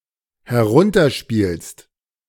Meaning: second-person singular dependent present of herunterspielen
- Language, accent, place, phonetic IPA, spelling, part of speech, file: German, Germany, Berlin, [hɛˈʁʊntɐˌʃpiːlst], herunterspielst, verb, De-herunterspielst.ogg